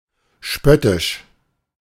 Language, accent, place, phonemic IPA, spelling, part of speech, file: German, Germany, Berlin, /ˈʃpœtɪʃ/, spöttisch, adjective, De-spöttisch.ogg
- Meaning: scornful, mocking